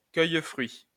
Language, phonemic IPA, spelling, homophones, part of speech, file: French, /fʁɥi/, fruits, fruit, noun, LL-Q150 (fra)-fruits.wav
- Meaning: plural of fruit